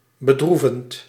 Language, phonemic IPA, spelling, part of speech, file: Dutch, /bəˈdruvənt/, bedroevend, verb / adjective, Nl-bedroevend.ogg
- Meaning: present participle of bedroeven